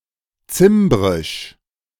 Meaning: the Cimbrian language
- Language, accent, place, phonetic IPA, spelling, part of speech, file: German, Germany, Berlin, [ˈt͡sɪmbʁɪʃ], Zimbrisch, noun, De-Zimbrisch.ogg